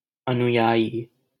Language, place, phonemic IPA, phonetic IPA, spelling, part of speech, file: Hindi, Delhi, /ə.nʊ.jɑː.jiː/, [ɐ.nʊ.jäː.jiː], अनुयायी, noun, LL-Q1568 (hin)-अनुयायी.wav
- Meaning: follower; adherent